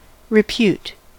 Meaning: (noun) Reputation, especially a good reputation; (verb) To attribute or credit something to something; to impute
- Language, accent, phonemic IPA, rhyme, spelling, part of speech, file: English, US, /ɹɪˈpjuːt/, -uːt, repute, noun / verb, En-us-repute.ogg